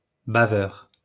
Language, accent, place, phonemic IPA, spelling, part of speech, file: French, France, Lyon, /ba.vœʁ/, baveur, noun / adjective, LL-Q150 (fra)-baveur.wav
- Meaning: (noun) dribbler (one who dribbles saliva); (adjective) dribbling